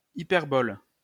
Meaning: 1. hyperbole 2. hyperbola
- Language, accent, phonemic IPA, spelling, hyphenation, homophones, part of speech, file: French, France, /i.pɛʁ.bɔl/, hyperbole, hy‧per‧bole, hyperboles, noun, LL-Q150 (fra)-hyperbole.wav